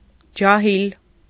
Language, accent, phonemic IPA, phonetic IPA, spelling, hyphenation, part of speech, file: Armenian, Eastern Armenian, /d͡ʒɑˈhil/, [d͡ʒɑhíl], ջահիլ, ջա‧հիլ, adjective / noun, Hy-ջահիլ.ogg
- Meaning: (adjective) alternative form of ջահել (ǰahel)